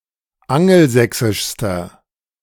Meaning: inflection of angelsächsisch: 1. strong/mixed nominative masculine singular superlative degree 2. strong genitive/dative feminine singular superlative degree
- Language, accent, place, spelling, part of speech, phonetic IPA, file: German, Germany, Berlin, angelsächsischster, adjective, [ˈaŋl̩ˌzɛksɪʃstɐ], De-angelsächsischster.ogg